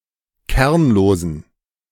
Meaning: inflection of kernlos: 1. strong genitive masculine/neuter singular 2. weak/mixed genitive/dative all-gender singular 3. strong/weak/mixed accusative masculine singular 4. strong dative plural
- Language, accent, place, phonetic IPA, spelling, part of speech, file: German, Germany, Berlin, [ˈkɛʁnloːzn̩], kernlosen, adjective, De-kernlosen.ogg